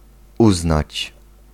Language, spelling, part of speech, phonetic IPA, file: Polish, uznać, verb, [ˈuznat͡ɕ], Pl-uznać.ogg